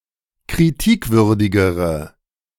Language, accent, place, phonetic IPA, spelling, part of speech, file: German, Germany, Berlin, [kʁiˈtiːkˌvʏʁdɪɡəʁə], kritikwürdigere, adjective, De-kritikwürdigere.ogg
- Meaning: inflection of kritikwürdig: 1. strong/mixed nominative/accusative feminine singular comparative degree 2. strong nominative/accusative plural comparative degree